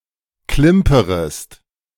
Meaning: second-person singular subjunctive I of klimpern
- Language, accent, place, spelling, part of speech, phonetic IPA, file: German, Germany, Berlin, klimperest, verb, [ˈklɪmpəʁəst], De-klimperest.ogg